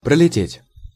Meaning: 1. to fly (by, past, through), to fly (over) 2. to overfly, to overshoot 3. to cover, to pass rapidly 4. to fly by 5. to be passed over (for), to miss the mark, to miss the boat
- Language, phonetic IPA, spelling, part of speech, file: Russian, [prəlʲɪˈtʲetʲ], пролететь, verb, Ru-пролететь.ogg